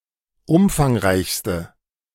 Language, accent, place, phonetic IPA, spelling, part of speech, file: German, Germany, Berlin, [ˈʊmfaŋˌʁaɪ̯çstə], umfangreichste, adjective, De-umfangreichste.ogg
- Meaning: inflection of umfangreich: 1. strong/mixed nominative/accusative feminine singular superlative degree 2. strong nominative/accusative plural superlative degree